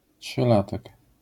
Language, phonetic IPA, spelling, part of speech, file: Polish, [ṭʃɨˈlatɛk], trzylatek, noun, LL-Q809 (pol)-trzylatek.wav